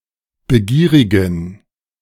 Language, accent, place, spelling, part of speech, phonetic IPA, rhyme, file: German, Germany, Berlin, begierigen, adjective, [bəˈɡiːʁɪɡn̩], -iːʁɪɡn̩, De-begierigen.ogg
- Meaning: inflection of begierig: 1. strong genitive masculine/neuter singular 2. weak/mixed genitive/dative all-gender singular 3. strong/weak/mixed accusative masculine singular 4. strong dative plural